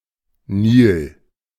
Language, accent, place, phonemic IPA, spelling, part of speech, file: German, Germany, Berlin, /niːl/, Nil, proper noun, De-Nil.ogg